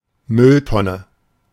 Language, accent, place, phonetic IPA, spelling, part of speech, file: German, Germany, Berlin, [ˈmʏlˌtɔnə], Mülltonne, noun, De-Mülltonne.ogg
- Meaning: wheelie bin; garbage can (large container for wet rubbish, usually outdoors and now usually on wheels)